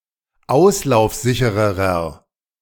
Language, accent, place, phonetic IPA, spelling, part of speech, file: German, Germany, Berlin, [ˈaʊ̯slaʊ̯fˌzɪçəʁəʁɐ], auslaufsichererer, adjective, De-auslaufsichererer.ogg
- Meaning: inflection of auslaufsicher: 1. strong/mixed nominative masculine singular comparative degree 2. strong genitive/dative feminine singular comparative degree